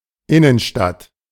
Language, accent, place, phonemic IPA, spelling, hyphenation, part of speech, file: German, Germany, Berlin, /ˈɪnənˌʃtat/, Innenstadt, In‧nen‧stadt, noun, De-Innenstadt.ogg
- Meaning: 1. inner city, city center 2. downtown